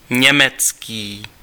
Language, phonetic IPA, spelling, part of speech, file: Czech, [ˈɲɛmɛt͡skiː], německý, adjective, Cs-německý.ogg
- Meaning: German (relating to the country of Germany or to the German language)